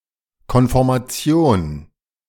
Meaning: conformation
- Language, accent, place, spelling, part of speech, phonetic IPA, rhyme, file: German, Germany, Berlin, Konformation, noun, [kɔnfɔʁmaˈt͡si̯oːn], -oːn, De-Konformation.ogg